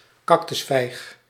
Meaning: a prickly pear, an Indian fig
- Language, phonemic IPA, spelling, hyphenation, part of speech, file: Dutch, /ˈkɑk.tʏsˌfɛi̯x/, cactusvijg, cac‧tus‧vijg, noun, Nl-cactusvijg.ogg